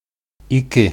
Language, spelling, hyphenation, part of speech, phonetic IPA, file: Bashkir, ике, и‧ке, numeral, [iˈkɪ̞], Ba-ике.ogg
- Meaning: two